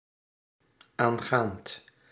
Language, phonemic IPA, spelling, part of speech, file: Dutch, /ˈaŋɣant/, aangaand, verb, Nl-aangaand.ogg
- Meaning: present participle of aangaan